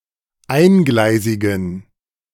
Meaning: inflection of eingleisig: 1. strong genitive masculine/neuter singular 2. weak/mixed genitive/dative all-gender singular 3. strong/weak/mixed accusative masculine singular 4. strong dative plural
- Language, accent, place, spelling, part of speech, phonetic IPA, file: German, Germany, Berlin, eingleisigen, adjective, [ˈaɪ̯nˌɡlaɪ̯zɪɡn̩], De-eingleisigen.ogg